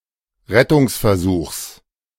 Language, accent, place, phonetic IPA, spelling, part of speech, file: German, Germany, Berlin, [ˈʁɛtʊŋsfɛɐ̯ˌzuːxs], Rettungsversuchs, noun, De-Rettungsversuchs.ogg
- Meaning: genitive singular of Rettungsversuch